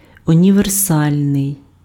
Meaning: 1. universal 2. all-purpose, multi-purpose
- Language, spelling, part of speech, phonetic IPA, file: Ukrainian, універсальний, adjective, [ʊnʲiʋerˈsalʲnei̯], Uk-універсальний.ogg